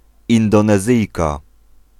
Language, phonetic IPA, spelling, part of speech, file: Polish, [ˌĩndɔ̃nɛˈzɨjka], Indonezyjka, noun, Pl-Indonezyjka.ogg